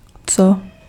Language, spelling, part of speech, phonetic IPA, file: Czech, co, pronoun / conjunction / particle, [ˈt͡so], Cs-co.ogg
- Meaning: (pronoun) what; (conjunction) that; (particle) isn't it so, don't you think?